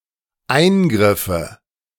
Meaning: nominative/accusative/genitive plural of Eingriff
- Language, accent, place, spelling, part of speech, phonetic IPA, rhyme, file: German, Germany, Berlin, Eingriffe, noun, [ˈaɪ̯nˌɡʁɪfə], -aɪ̯nɡʁɪfə, De-Eingriffe.ogg